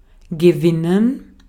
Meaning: 1. to win; to be victorious 2. to win something; to gain 3. to win over; to persuade 4. to win or extract a resource
- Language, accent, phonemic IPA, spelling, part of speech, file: German, Austria, /ɡəˈvɪnən/, gewinnen, verb, De-at-gewinnen.ogg